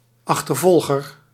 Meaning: pursuer
- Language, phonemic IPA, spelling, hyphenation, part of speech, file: Dutch, /ˌɑx.tərˈvɔl.ɣər/, achtervolger, ach‧ter‧vol‧ger, noun, Nl-achtervolger.ogg